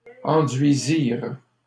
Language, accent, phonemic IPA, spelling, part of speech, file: French, Canada, /ɑ̃.dɥi.ziʁ/, enduisirent, verb, LL-Q150 (fra)-enduisirent.wav
- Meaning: third-person plural past historic of enduire